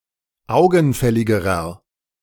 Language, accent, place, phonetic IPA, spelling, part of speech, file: German, Germany, Berlin, [ˈaʊ̯ɡn̩ˌfɛlɪɡəʁɐ], augenfälligerer, adjective, De-augenfälligerer.ogg
- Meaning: inflection of augenfällig: 1. strong/mixed nominative masculine singular comparative degree 2. strong genitive/dative feminine singular comparative degree 3. strong genitive plural comparative degree